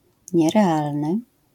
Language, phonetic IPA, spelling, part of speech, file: Polish, [ˌɲɛrɛˈalnɨ], nierealny, adjective, LL-Q809 (pol)-nierealny.wav